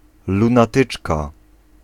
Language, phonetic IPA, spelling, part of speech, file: Polish, [ˌlũnaˈtɨt͡ʃka], lunatyczka, noun, Pl-lunatyczka.ogg